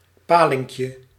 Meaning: diminutive of paling
- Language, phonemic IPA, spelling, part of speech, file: Dutch, /ˈpalɪŋkjə/, palinkje, noun, Nl-palinkje.ogg